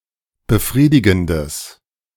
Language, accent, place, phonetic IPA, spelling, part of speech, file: German, Germany, Berlin, [bəˈfʁiːdɪɡn̩dəs], befriedigendes, adjective, De-befriedigendes.ogg
- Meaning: strong/mixed nominative/accusative neuter singular of befriedigend